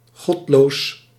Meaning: atheistic; godless
- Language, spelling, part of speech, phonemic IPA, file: Dutch, godloos, adjective, /ˈɣɔtlos/, Nl-godloos.ogg